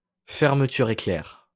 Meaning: zip fastener
- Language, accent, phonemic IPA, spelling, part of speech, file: French, France, /fɛʁ.mə.ty.ʁ‿e.klɛʁ/, fermeture éclair, noun, LL-Q150 (fra)-fermeture éclair.wav